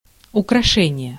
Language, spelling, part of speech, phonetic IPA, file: Russian, украшение, noun, [ʊkrɐˈʂɛnʲɪje], Ru-украшение.ogg
- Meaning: decoration, ornament, ornamentation